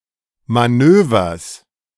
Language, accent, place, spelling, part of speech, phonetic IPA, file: German, Germany, Berlin, Manövers, noun, [maˈnøːvɐs], De-Manövers.ogg
- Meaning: genitive singular of Manöver